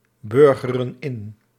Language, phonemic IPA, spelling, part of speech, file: Dutch, /ˈbʏrɣərə(n) ˈɪn/, burgeren in, verb, Nl-burgeren in.ogg
- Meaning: inflection of inburgeren: 1. plural present indicative 2. plural present subjunctive